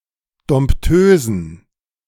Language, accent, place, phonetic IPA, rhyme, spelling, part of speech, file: German, Germany, Berlin, [dɔmpˈtøːzn̩], -øːzn̩, Dompteusen, noun, De-Dompteusen.ogg
- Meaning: plural of Dompteuse